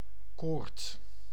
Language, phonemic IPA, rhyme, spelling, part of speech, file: Dutch, /koːrt/, -oːrt, koord, noun, Nl-koord.ogg
- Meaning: a rope, cord (length of twisted strands)